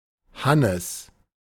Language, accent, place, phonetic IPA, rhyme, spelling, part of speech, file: German, Germany, Berlin, [ˈhanəs], -anəs, Hannes, proper noun, De-Hannes.ogg
- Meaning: a diminutive of the male given name Johannes